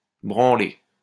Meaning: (noun) 1. beating, hiding, thrashing 2. drubbing (heavy defeat); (verb) feminine singular of branlé
- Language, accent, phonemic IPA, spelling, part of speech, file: French, France, /bʁɑ̃.le/, branlée, noun / verb, LL-Q150 (fra)-branlée.wav